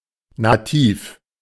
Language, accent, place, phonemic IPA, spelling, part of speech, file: German, Germany, Berlin, /naˈtiːf/, nativ, adjective, De-nativ.ogg
- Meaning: 1. native 2. virgin (of olive oil, obtained by mechanical means, so that the oil is not altered)